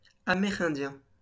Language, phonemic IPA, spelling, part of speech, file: French, /a.me.ʁɛ̃.djɛ̃/, amérindiens, adjective, LL-Q150 (fra)-amérindiens.wav
- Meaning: masculine plural of amérindien